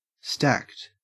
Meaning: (adjective) 1. Arranged in a stack 2. Having large breasts 3. Having large muscles; buff 4. Wealthy 5. Wealthy.: Having a large advantage as a result of accumulating many items and upgrades
- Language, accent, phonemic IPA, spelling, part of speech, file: English, Australia, /stækt/, stacked, adjective / verb, En-au-stacked.ogg